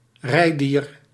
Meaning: a riding-animal or mount, a domesticated animal used to carry a rider on its back, as opposed to pets, draught animals and wild animals
- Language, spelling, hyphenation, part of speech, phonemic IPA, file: Dutch, rijdier, rij‧dier, noun, /ˈrɛi̯.diːr/, Nl-rijdier.ogg